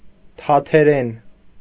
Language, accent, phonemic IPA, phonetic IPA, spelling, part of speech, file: Armenian, Eastern Armenian, /tʰɑtʰeˈɾen/, [tʰɑtʰeɾén], թաթերեն, noun, Hy-թաթերեն.ogg
- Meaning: Tat language